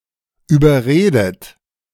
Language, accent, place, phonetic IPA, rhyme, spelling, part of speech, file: German, Germany, Berlin, [yːbɐˈʁeːdət], -eːdət, überredet, verb, De-überredet.ogg
- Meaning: past participle of überreden